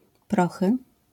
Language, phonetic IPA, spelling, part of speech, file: Polish, [ˈprɔxɨ], prochy, noun, LL-Q809 (pol)-prochy.wav